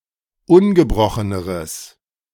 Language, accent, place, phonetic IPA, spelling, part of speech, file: German, Germany, Berlin, [ˈʊnɡəˌbʁɔxənəʁəs], ungebrocheneres, adjective, De-ungebrocheneres.ogg
- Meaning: strong/mixed nominative/accusative neuter singular comparative degree of ungebrochen